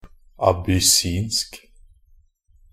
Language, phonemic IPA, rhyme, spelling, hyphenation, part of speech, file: Norwegian Bokmål, /abʏˈsiːnsk/, -iːnsk, abyssinsk, ab‧ys‧sinsk, adjective, Nb-abyssinsk.ogg
- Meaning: Abyssinian (of or pertaining to Ethiopia or its inhabitants)